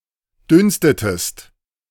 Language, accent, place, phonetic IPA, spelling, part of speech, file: German, Germany, Berlin, [ˈdʏnstətəst], dünstetest, verb, De-dünstetest.ogg
- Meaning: inflection of dünsten: 1. second-person singular preterite 2. second-person singular subjunctive II